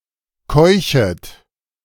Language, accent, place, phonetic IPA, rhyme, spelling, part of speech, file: German, Germany, Berlin, [ˈkɔɪ̯çət], -ɔɪ̯çət, keuchet, verb, De-keuchet.ogg
- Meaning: second-person plural subjunctive I of keuchen